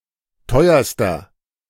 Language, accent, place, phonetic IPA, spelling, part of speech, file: German, Germany, Berlin, [ˈtɔɪ̯ɐstɐ], teuerster, adjective, De-teuerster.ogg
- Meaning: inflection of teuer: 1. strong/mixed nominative masculine singular superlative degree 2. strong genitive/dative feminine singular superlative degree 3. strong genitive plural superlative degree